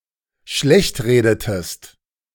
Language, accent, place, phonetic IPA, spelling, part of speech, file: German, Germany, Berlin, [ˈʃlɛçtˌʁeːdətəst], schlechtredetest, verb, De-schlechtredetest.ogg
- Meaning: inflection of schlechtreden: 1. second-person singular dependent preterite 2. second-person singular dependent subjunctive II